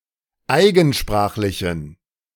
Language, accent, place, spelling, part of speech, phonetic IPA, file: German, Germany, Berlin, eigensprachlichen, adjective, [ˈaɪ̯ɡn̩ˌʃpʁaːxlɪçn̩], De-eigensprachlichen.ogg
- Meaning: inflection of eigensprachlich: 1. strong genitive masculine/neuter singular 2. weak/mixed genitive/dative all-gender singular 3. strong/weak/mixed accusative masculine singular 4. strong dative plural